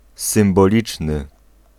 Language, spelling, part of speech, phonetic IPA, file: Polish, symboliczny, adjective, [ˌsɨ̃mbɔˈlʲit͡ʃnɨ], Pl-symboliczny.ogg